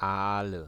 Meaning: nominative/accusative/genitive plural of Aal
- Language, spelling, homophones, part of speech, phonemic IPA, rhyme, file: German, Aale, Ahle, noun, /ˈʔaːlə/, -aːlə, De-Aale.ogg